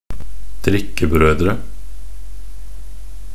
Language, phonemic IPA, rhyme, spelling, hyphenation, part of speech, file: Norwegian Bokmål, /ˈdrɪkːəbrœdrə/, -œdrə, drikkebrødre, drik‧ke‧brø‧dre, noun, Nb-drikkebrødre.ogg
- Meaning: indefinite plural of drikkebror